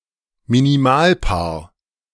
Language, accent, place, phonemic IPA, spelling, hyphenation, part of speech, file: German, Germany, Berlin, /miniˈmaːlˌpaːɐ̯/, Minimalpaar, Mi‧ni‧mal‧paar, noun, De-Minimalpaar.ogg
- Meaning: minimal pair (pair of words)